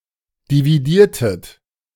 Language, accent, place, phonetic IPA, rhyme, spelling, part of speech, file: German, Germany, Berlin, [diviˈdiːɐ̯tət], -iːɐ̯tət, dividiertet, verb, De-dividiertet.ogg
- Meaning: inflection of dividieren: 1. second-person plural preterite 2. second-person plural subjunctive II